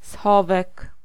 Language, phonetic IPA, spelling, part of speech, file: Polish, [ˈsxɔvɛk], schowek, noun, Pl-schowek.ogg